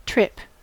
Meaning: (noun) 1. A journey; an excursion or jaunt 2. A journey; an excursion or jaunt.: A short outing for a specified purpose
- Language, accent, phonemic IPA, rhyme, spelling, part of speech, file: English, US, /tɹɪp/, -ɪp, trip, noun / verb / adjective, En-us-trip.ogg